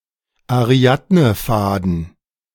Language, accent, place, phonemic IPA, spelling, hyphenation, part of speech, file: German, Germany, Berlin, /aˈʁi̯adnəˌfaːdn̩/, Ariadnefaden, Ari‧ad‧ne‧fa‧den, noun, De-Ariadnefaden.ogg
- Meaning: Ariadne's thread